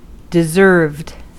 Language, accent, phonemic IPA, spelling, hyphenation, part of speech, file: English, US, /dɪˈzɝvd/, deserved, de‧served, adjective / verb, En-us-deserved.ogg
- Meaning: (adjective) Fair; merited; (verb) simple past and past participle of deserve